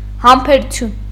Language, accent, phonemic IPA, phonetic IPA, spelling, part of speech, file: Armenian, Eastern Armenian, /hɑmpʰeɾuˈtʰjun/, [hɑmpʰeɾut͡sʰjún], համբերություն, noun, Hy-համբերություն.ogg
- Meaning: patience